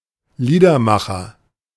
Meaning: music artist (person who writes and sings his or her own sophisticated lyrics, using little musical accompaniment, similar to a singer-songwriter or chansonnier)
- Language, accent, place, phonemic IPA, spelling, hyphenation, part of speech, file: German, Germany, Berlin, /ˈliːdɐˌmaχɐ/, Liedermacher, Lie‧der‧ma‧cher, noun, De-Liedermacher.ogg